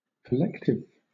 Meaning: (adjective) 1. Formed by gathering or collecting; gathered into a mass, sum, or body 2. Tending to collect; forming a collection 3. Having plurality of origin or authority
- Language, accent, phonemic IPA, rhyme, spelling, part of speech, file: English, Southern England, /kəˈlɛktɪv/, -ɛktɪv, collective, adjective / noun, LL-Q1860 (eng)-collective.wav